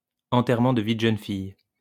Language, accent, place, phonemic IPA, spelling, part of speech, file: French, France, Lyon, /ɑ̃.tɛʁ.mɑ̃ d(ə) vi d(ə) ʒœn fij/, enterrement de vie de jeune fille, noun, LL-Q150 (fra)-enterrement de vie de jeune fille.wav
- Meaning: bachelorette party